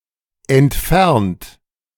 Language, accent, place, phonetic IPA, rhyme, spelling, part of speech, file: German, Germany, Berlin, [ɛntˈfɛʁnt], -ɛʁnt, entfernt, adjective / verb, De-entfernt.ogg
- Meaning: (verb) past participle of entfernen; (adjective) 1. distant 2. away